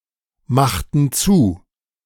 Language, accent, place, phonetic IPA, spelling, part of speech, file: German, Germany, Berlin, [ˌmaxtn̩ ˈdʊʁç], machten durch, verb, De-machten durch.ogg
- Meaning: inflection of durchmachen: 1. first/third-person plural preterite 2. first/third-person plural subjunctive II